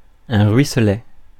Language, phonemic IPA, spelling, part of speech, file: French, /ʁɥi.slɛ/, ruisselet, noun, Fr-ruisselet.ogg
- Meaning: rivulet, brook